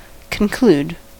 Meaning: 1. To end; to come to an end 2. To bring to an end; to close; to finish 3. To bring about as a result; to effect; to make 4. To come to a conclusion, to a final decision
- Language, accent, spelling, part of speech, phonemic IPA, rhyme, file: English, US, conclude, verb, /kənˈkluːd/, -uːd, En-us-conclude.ogg